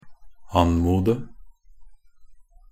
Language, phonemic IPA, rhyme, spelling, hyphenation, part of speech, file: Norwegian Bokmål, /ˈan.muːdə/, -uːdə, anmode, an‧mo‧de, verb, Nb-anmode.ogg
- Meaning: to (politely) request something